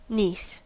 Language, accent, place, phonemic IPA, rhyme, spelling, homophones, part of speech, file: English, US, California, /nis/, -iːs, niece, Nice, noun, En-us-niece.ogg
- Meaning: A daughter of one’s sibling, brother-in-law, or sister-in-law; either the daughter of one's brother ("fraternal niece"), or of one's sister ("sororal niece")